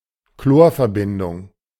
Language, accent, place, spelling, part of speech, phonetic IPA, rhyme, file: German, Germany, Berlin, Chlorverbindung, noun, [ˈkloːɐ̯fɛɐ̯ˌbɪndʊŋ], -oːɐ̯fɛɐ̯bɪndʊŋ, De-Chlorverbindung.ogg
- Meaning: chlorine compound